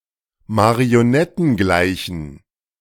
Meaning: inflection of marionettengleich: 1. strong genitive masculine/neuter singular 2. weak/mixed genitive/dative all-gender singular 3. strong/weak/mixed accusative masculine singular
- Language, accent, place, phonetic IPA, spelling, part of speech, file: German, Germany, Berlin, [maʁioˈnɛtn̩ˌɡlaɪ̯çn̩], marionettengleichen, adjective, De-marionettengleichen.ogg